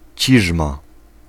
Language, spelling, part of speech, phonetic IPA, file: Polish, ciżma, noun, [ˈt͡ɕiʒma], Pl-ciżma.ogg